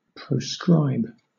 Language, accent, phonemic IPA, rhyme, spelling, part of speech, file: English, Southern England, /ˈpɹəʊskɹaɪb/, -aɪb, proscribe, verb, LL-Q1860 (eng)-proscribe.wav
- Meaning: 1. To forbid or prohibit 2. To denounce 3. To banish or exclude